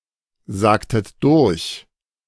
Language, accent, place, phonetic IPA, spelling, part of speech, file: German, Germany, Berlin, [ˌzaːktət ˈdʊʁç], sagtet durch, verb, De-sagtet durch.ogg
- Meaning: inflection of durchsagen: 1. second-person plural preterite 2. second-person plural subjunctive II